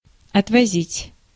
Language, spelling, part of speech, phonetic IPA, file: Russian, отвозить, verb, [ɐtvɐˈzʲitʲ], Ru-отвозить.ogg
- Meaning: to take away (by vehicle), to drive away, to take (someone or something by vehicle)